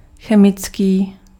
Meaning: chemical
- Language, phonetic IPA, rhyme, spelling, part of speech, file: Czech, [ˈxɛmɪt͡skiː], -ɪtskiː, chemický, adjective, Cs-chemický.ogg